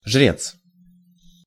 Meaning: heathen priest, pagan priest
- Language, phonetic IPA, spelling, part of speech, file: Russian, [ʐrʲet͡s], жрец, noun, Ru-жрец.ogg